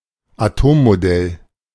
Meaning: atomic model
- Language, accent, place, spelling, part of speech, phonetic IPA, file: German, Germany, Berlin, Atommodell, noun, [aˈtoːmmoˌdɛl], De-Atommodell.ogg